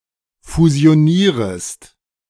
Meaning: second-person singular subjunctive I of fusionieren
- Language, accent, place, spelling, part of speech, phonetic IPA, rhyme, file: German, Germany, Berlin, fusionierest, verb, [fuzi̯oˈniːʁəst], -iːʁəst, De-fusionierest.ogg